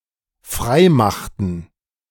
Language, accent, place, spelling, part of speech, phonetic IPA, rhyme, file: German, Germany, Berlin, freimachten, verb, [ˈfʁaɪ̯ˌmaxtn̩], -aɪ̯maxtn̩, De-freimachten.ogg
- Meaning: inflection of freimachen: 1. first/third-person plural dependent preterite 2. first/third-person plural dependent subjunctive II